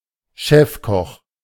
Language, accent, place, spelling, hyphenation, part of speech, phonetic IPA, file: German, Germany, Berlin, Chefkoch, Chef‧koch, noun, [ˈʃɛfˌkɔx], De-Chefkoch.ogg
- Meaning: chef, head chef, head cook